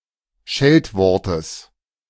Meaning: genitive singular of Scheltwort
- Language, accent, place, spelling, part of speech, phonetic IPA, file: German, Germany, Berlin, Scheltwortes, noun, [ˈʃɛltˌvɔʁtəs], De-Scheltwortes.ogg